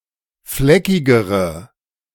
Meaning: inflection of fleckig: 1. strong/mixed nominative/accusative feminine singular comparative degree 2. strong nominative/accusative plural comparative degree
- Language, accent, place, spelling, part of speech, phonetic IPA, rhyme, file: German, Germany, Berlin, fleckigere, adjective, [ˈflɛkɪɡəʁə], -ɛkɪɡəʁə, De-fleckigere.ogg